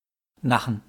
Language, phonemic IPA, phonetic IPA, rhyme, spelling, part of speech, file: German, /ˈnaxən/, [ˈnaχn̩], -axən, Nachen, noun, De-Nachen.wav
- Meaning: small boat used on inland waters